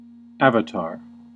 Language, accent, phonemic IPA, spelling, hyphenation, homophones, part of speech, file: English, US, /ˈæv.ə.tɑɹ/, avatar, av‧a‧tar, Avatar, noun, En-us-avatar.ogg
- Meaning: An incarnation of a deity, particularly Vishnu